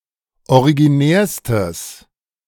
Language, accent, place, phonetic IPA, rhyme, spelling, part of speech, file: German, Germany, Berlin, [oʁiɡiˈnɛːɐ̯stəs], -ɛːɐ̯stəs, originärstes, adjective, De-originärstes.ogg
- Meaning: strong/mixed nominative/accusative neuter singular superlative degree of originär